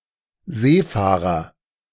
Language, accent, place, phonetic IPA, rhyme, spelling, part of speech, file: German, Germany, Berlin, [ˈzeːˌfaːʁɐ], -eːfaːʁɐ, Seefahrer, noun, De-Seefahrer.ogg
- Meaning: seafarer